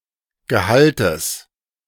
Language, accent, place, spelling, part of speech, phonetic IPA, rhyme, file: German, Germany, Berlin, Gehaltes, noun, [ɡəˈhaltəs], -altəs, De-Gehaltes.ogg
- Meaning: genitive singular of Gehalt